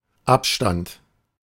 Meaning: distance, interspace, spacing, interval, gap
- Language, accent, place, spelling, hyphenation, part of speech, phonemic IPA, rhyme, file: German, Germany, Berlin, Abstand, Ab‧stand, noun, /ˈapʃtant/, -ant, De-Abstand.ogg